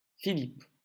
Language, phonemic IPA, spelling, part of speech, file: French, /fi.lip/, Philippe, proper noun, LL-Q150 (fra)-Philippe.wav
- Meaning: 1. a male given name, equivalent to English Philip, very popular in 20th century France, next only to Jean and Pierre 2. Philip (biblical character) 3. a surname originating as a patronymic